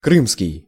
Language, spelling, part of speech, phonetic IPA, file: Russian, крымский, adjective, [ˈkrɨmskʲɪj], Ru-крымский.ogg
- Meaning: Crimean (referring to the Crimea region)